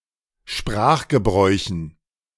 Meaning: dative plural of Sprachgebrauch
- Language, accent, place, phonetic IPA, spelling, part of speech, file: German, Germany, Berlin, [ˈʃpʁaːxɡəˌbʁɔɪ̯çn̩], Sprachgebräuchen, noun, De-Sprachgebräuchen.ogg